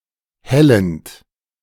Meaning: present participle of hellen
- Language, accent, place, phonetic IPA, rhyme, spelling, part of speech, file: German, Germany, Berlin, [ˈhɛlənt], -ɛlənt, hellend, verb, De-hellend.ogg